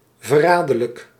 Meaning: treacherous
- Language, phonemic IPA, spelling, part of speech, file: Dutch, /vəˈradərlək/, verraderlijk, adjective, Nl-verraderlijk.ogg